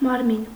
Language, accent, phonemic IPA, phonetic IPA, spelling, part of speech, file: Armenian, Eastern Armenian, /mɑɾˈmin/, [mɑɾmín], մարմին, noun, Hy-մարմին.ogg
- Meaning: 1. body 2. body, material object 3. body, agency, authority 4. body, corpse